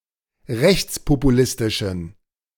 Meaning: inflection of rechtspopulistisch: 1. strong genitive masculine/neuter singular 2. weak/mixed genitive/dative all-gender singular 3. strong/weak/mixed accusative masculine singular
- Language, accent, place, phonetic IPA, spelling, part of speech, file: German, Germany, Berlin, [ˈʁɛçt͡spopuˌlɪstɪʃn̩], rechtspopulistischen, adjective, De-rechtspopulistischen.ogg